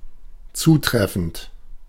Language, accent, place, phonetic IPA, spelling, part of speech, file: German, Germany, Berlin, [ˈt͡suːˌtʁɛfn̩t], zutreffend, adjective / verb, De-zutreffend.ogg
- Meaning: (verb) present participle of zutreffen; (adjective) 1. applicable 2. correct, appropriate, proper